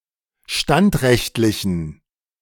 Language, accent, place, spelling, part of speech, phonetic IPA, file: German, Germany, Berlin, standrechtlichen, adjective, [ˈʃtantˌʁɛçtlɪçn̩], De-standrechtlichen.ogg
- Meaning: inflection of standrechtlich: 1. strong genitive masculine/neuter singular 2. weak/mixed genitive/dative all-gender singular 3. strong/weak/mixed accusative masculine singular 4. strong dative plural